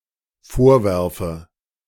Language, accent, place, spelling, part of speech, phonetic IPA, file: German, Germany, Berlin, vorwerfe, verb, [ˈfoːɐ̯ˌvɛʁfə], De-vorwerfe.ogg
- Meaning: inflection of vorwerfen: 1. first-person singular dependent present 2. first/third-person singular dependent subjunctive I